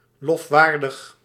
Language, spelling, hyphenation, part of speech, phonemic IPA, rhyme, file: Dutch, lofwaardig, lof‧waar‧dig, adjective, /ˌlɔfˈʋaːr.dəx/, -aːrdəx, Nl-lofwaardig.ogg
- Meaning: praiseworthy, laudable